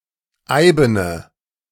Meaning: inflection of eiben: 1. strong/mixed nominative/accusative feminine singular 2. strong nominative/accusative plural 3. weak nominative all-gender singular 4. weak accusative feminine/neuter singular
- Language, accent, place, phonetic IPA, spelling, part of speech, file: German, Germany, Berlin, [ˈaɪ̯bənə], eibene, adjective, De-eibene.ogg